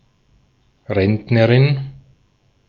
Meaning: female pensioner
- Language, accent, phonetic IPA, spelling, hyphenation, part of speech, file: German, Austria, [ˈʁɛntnəʁɪn], Rentnerin, Rent‧ne‧rin, noun, De-at-Rentnerin.ogg